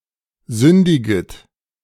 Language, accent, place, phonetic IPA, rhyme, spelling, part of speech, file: German, Germany, Berlin, [ˈzʏndɪɡət], -ʏndɪɡət, sündiget, verb, De-sündiget.ogg
- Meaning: second-person plural subjunctive I of sündigen